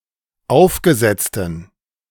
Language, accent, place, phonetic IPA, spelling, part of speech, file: German, Germany, Berlin, [ˈaʊ̯fɡəˌzɛt͡stn̩], aufgesetzten, adjective, De-aufgesetzten.ogg
- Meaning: inflection of aufgesetzt: 1. strong genitive masculine/neuter singular 2. weak/mixed genitive/dative all-gender singular 3. strong/weak/mixed accusative masculine singular 4. strong dative plural